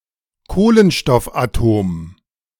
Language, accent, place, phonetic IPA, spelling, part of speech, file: German, Germany, Berlin, [ˈkoːlənʃtɔfʔaˌtoːm], Kohlenstoffatom, noun, De-Kohlenstoffatom.ogg
- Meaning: carbon atom